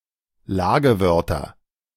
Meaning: nominative/accusative/genitive plural of Lagewort
- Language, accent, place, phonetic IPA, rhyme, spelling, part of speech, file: German, Germany, Berlin, [ˈlaːɡəˌvœʁtɐ], -aːɡəvœʁtɐ, Lagewörter, noun, De-Lagewörter.ogg